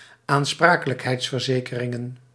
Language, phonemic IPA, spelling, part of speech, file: Dutch, /anˈsprakələkˌhɛitsfərˌzekərɪŋə(n)/, aansprakelijkheidsverzekeringen, noun, Nl-aansprakelijkheidsverzekeringen.ogg
- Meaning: plural of aansprakelijkheidsverzekering